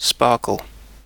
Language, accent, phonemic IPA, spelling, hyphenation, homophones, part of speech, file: English, UK, /ˈspɑː.kəl/, sparkle, spar‧kle, SPARQL, noun / verb, En-uk-sparkle.ogg
- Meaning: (noun) 1. A little spark; a scintillation 2. Brilliance; luster 3. Liveliness; vivacity 4. The quality of being sparkling or fizzy; effervescence